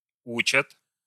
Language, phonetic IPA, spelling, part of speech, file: Russian, [ˈut͡ɕət], учат, verb, Ru-учат.ogg
- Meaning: third-person plural present indicative imperfective of учи́ть (učítʹ)